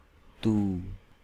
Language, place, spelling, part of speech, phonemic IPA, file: Hindi, Delhi, तू, pronoun, /t̪uː/, Hi-तू.ogg
- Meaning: you, thou (informal, grammatically singular)